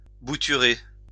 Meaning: to stick (propagate plants by cuttings)
- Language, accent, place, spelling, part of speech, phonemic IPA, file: French, France, Lyon, bouturer, verb, /bu.ty.ʁe/, LL-Q150 (fra)-bouturer.wav